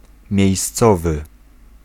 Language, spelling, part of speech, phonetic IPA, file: Polish, miejscowy, adjective / noun, [mʲjɛ̇jsˈt͡sɔvɨ], Pl-miejscowy.ogg